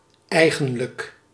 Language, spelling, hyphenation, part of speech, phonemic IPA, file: Dutch, eigenlijk, ei‧gen‧lijk, adjective / adverb, /ˈɛi̯ɣə(n)lək/, Nl-eigenlijk.ogg
- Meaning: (adjective) actual; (adverb) actually, really, in reality, strictly speaking